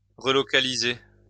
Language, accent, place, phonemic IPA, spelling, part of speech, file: French, France, Lyon, /ʁə.lɔ.ka.li.ze/, relocaliser, verb, LL-Q150 (fra)-relocaliser.wav
- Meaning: 1. to relocate 2. to onshore (to relocate production, services or jobs to lower-cost locations in the same country)